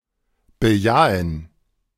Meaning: to affirm, approve, answer something in the affirmative
- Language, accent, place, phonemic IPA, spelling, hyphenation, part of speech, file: German, Germany, Berlin, /bəˈjaːən/, bejahen, be‧ja‧hen, verb, De-bejahen.ogg